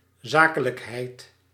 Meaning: 1. matter-of-fact disposition, businesslikeness 2. event, occasion 3. fact
- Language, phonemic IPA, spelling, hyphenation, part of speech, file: Dutch, /ˈzaː.kə.ləkˌɦɛi̯t/, zakelijkheid, za‧ke‧lijk‧heid, noun, Nl-zakelijkheid.ogg